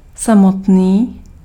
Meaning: 1. himself 2. lonely
- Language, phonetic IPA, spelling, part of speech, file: Czech, [ˈsamotniː], samotný, pronoun, Cs-samotný.ogg